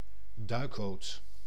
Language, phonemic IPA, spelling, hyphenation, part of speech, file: Dutch, /ˈdœy̯k.boːt/, duikboot, duik‧boot, noun, Nl-duikboot.ogg
- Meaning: 1. submarine 2. submarine that is designed to sail at the surface for most of the time but can submerge for limited periods